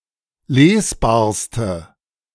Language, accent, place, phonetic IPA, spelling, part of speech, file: German, Germany, Berlin, [ˈleːsˌbaːɐ̯stə], lesbarste, adjective, De-lesbarste.ogg
- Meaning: inflection of lesbar: 1. strong/mixed nominative/accusative feminine singular superlative degree 2. strong nominative/accusative plural superlative degree